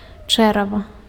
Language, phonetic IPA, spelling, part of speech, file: Belarusian, [ˈt͡ʂɛrava], чэрава, noun, Be-чэрава.ogg
- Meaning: 1. belly, intestine 2. womb